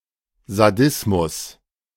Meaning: sadism
- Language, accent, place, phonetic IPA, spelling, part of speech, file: German, Germany, Berlin, [zaˈdɪsmʊs], Sadismus, noun, De-Sadismus.ogg